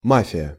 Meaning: 1. mafia 2. Mafia (Soviet and Russian party game)
- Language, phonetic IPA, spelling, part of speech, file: Russian, [ˈmafʲɪjə], мафия, noun, Ru-мафия.ogg